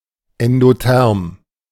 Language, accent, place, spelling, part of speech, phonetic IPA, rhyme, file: German, Germany, Berlin, endotherm, adjective, [ɛndoˈtɛʁm], -ɛʁm, De-endotherm.ogg
- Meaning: endothermic